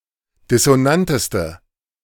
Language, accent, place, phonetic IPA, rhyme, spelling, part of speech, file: German, Germany, Berlin, [dɪsoˈnantəstə], -antəstə, dissonanteste, adjective, De-dissonanteste.ogg
- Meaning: inflection of dissonant: 1. strong/mixed nominative/accusative feminine singular superlative degree 2. strong nominative/accusative plural superlative degree